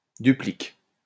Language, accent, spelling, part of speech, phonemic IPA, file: French, France, duplique, verb, /dy.plik/, LL-Q150 (fra)-duplique.wav
- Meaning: inflection of dupliquer: 1. first/third-person singular present indicative/subjunctive 2. second-person singular imperative